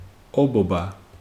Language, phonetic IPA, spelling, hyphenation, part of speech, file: Georgian, [o̞bo̞bä], ობობა, ობო‧ბა, noun, Ka-ობობა.ogg
- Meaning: spider